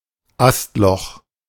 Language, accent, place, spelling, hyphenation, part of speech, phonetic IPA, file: German, Germany, Berlin, Astloch, Ast‧loch, noun, [ˈastˌlɔx], De-Astloch.ogg
- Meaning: knothole